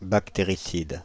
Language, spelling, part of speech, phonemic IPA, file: French, bactéricide, adjective / noun, /bak.te.ʁi.sid/, Fr-bactéricide.ogg
- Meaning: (adjective) bactericidal; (noun) 1. bactericide 2. antibiotic